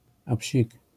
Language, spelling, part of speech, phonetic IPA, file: Polish, apsik, interjection, [aˈpʲɕik], LL-Q809 (pol)-apsik.wav